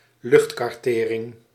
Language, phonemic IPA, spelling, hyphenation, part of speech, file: Dutch, /ˈlʏxt.kɑrˌteː.rɪŋ/, luchtkartering, lucht‧kar‧te‧ring, noun, Nl-luchtkartering.ogg
- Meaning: airborne mapping, aerial mapping